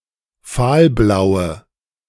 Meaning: inflection of fahlblau: 1. strong/mixed nominative/accusative feminine singular 2. strong nominative/accusative plural 3. weak nominative all-gender singular
- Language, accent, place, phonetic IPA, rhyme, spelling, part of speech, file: German, Germany, Berlin, [ˈfaːlˌblaʊ̯ə], -aːlblaʊ̯ə, fahlblaue, adjective, De-fahlblaue.ogg